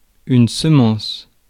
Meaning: 1. seed (fertilized grain) 2. seed (semen, sperm) 3. seed (precursor, something that makes another flourish)
- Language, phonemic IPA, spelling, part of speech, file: French, /sə.mɑ̃s/, semence, noun, Fr-semence.ogg